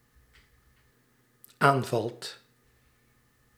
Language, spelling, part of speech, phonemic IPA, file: Dutch, aanvalt, verb, /ˈaɱvɑlt/, Nl-aanvalt.ogg
- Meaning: second/third-person singular dependent-clause present indicative of aanvallen